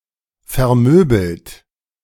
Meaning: past participle of vermöbeln
- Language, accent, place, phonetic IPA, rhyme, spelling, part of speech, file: German, Germany, Berlin, [fɛɐ̯ˈmøːbl̩t], -øːbl̩t, vermöbelt, verb, De-vermöbelt.ogg